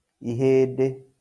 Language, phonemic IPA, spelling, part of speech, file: Kikuyu, /ìhèⁿdé/, ihĩndĩ, noun, LL-Q33587 (kik)-ihĩndĩ.wav
- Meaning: bone